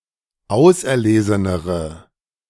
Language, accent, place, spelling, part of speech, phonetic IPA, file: German, Germany, Berlin, auserlesenere, adjective, [ˈaʊ̯sʔɛɐ̯ˌleːzənəʁə], De-auserlesenere.ogg
- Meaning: inflection of auserlesen: 1. strong/mixed nominative/accusative feminine singular comparative degree 2. strong nominative/accusative plural comparative degree